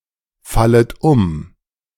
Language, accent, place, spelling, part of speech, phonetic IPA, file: German, Germany, Berlin, fallet um, verb, [ˌfalət ˈʊm], De-fallet um.ogg
- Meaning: second-person plural subjunctive I of umfallen